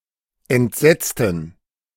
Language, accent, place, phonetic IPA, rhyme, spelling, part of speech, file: German, Germany, Berlin, [ɛntˈzɛt͡stn̩], -ɛt͡stn̩, entsetzten, adjective / verb, De-entsetzten.ogg
- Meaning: inflection of entsetzen: 1. first/third-person plural preterite 2. first/third-person plural subjunctive II